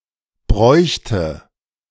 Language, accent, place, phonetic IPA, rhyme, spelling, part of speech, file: German, Germany, Berlin, [ˈbʁɔɪ̯çtə], -ɔɪ̯çtə, bräuchte, verb, De-bräuchte.ogg
- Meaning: first/third-person singular subjunctive II of brauchen